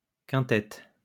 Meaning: 1. quintet; A composition for five voices or instruments 2. quintet; the set of five persons who sing or play five-part music
- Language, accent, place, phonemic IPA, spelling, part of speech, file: French, France, Lyon, /kɛ̃.tɛt/, quintette, noun, LL-Q150 (fra)-quintette.wav